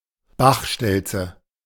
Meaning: white wagtail (Motacilla alba)
- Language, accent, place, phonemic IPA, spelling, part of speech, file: German, Germany, Berlin, /ˈbaχˌʃtɛlt͡sə/, Bachstelze, noun, De-Bachstelze.ogg